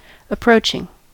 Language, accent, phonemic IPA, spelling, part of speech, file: English, US, /əˈpɹoʊt͡ʃɪŋ/, approaching, adjective / adverb / verb / noun, En-us-approaching.ogg
- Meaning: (adjective) That approaches or approach; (adverb) Nearly; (verb) present participle and gerund of approach; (noun) The act of coming closer; an approach